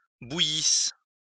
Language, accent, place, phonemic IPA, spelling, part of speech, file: French, France, Lyon, /bu.jis/, bouillisse, verb, LL-Q150 (fra)-bouillisse.wav
- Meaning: first-person singular imperfect subjunctive of bouillir